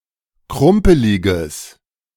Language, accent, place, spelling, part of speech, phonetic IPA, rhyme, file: German, Germany, Berlin, krumpeliges, adjective, [ˈkʁʊmpəlɪɡəs], -ʊmpəlɪɡəs, De-krumpeliges.ogg
- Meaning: strong/mixed nominative/accusative neuter singular of krumpelig